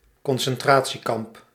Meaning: concentration camp
- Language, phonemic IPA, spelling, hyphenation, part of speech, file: Dutch, /kɔn.sɛnˈtraː.(t)siˌkɑmp/, concentratiekamp, con‧cen‧tra‧tie‧kamp, noun, Nl-concentratiekamp.ogg